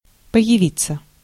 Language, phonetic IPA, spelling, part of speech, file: Russian, [pə(j)ɪˈvʲit͡sːə], появиться, verb, Ru-появиться.ogg
- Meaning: to appear, to show up, to emerge